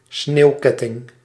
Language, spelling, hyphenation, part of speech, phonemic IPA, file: Dutch, sneeuwketting, sneeuw‧ket‧ting, noun, /ˈsneːu̯ˌkɛ.tɪŋ/, Nl-sneeuwketting.ogg
- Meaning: tyre chain, tire chain, snow chain